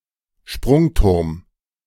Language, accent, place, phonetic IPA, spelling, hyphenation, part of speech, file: German, Germany, Berlin, [ˈʃpʁʊŋˌtʊʁm], Sprungturm, Sprung‧turm, noun, De-Sprungturm.ogg
- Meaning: diving platform